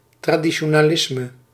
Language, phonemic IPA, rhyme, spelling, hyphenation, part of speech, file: Dutch, /traː.di.(t)ʃoː.naːˈlɪs.mə/, -ɪsmə, traditionalisme, tra‧di‧ti‧o‧na‧lis‧me, noun, Nl-traditionalisme.ogg
- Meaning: traditionalism